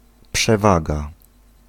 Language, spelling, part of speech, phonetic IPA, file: Polish, przewaga, noun, [pʃɛˈvaɡa], Pl-przewaga.ogg